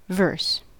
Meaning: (noun) 1. A poetic form with regular meter and a fixed rhyme scheme 2. Poetic form in general 3. One of several similar units of a song, consisting of several lines, generally rhymed
- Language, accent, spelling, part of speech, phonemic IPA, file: English, US, verse, noun / verb, /vɜrs/, En-us-verse.ogg